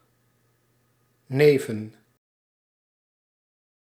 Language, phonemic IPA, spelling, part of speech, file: Dutch, /ˈneː.və(n)/, neven, preposition / noun, Nl-neven.ogg
- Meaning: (preposition) 1. beside, next to 2. in addition to; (noun) plural of neef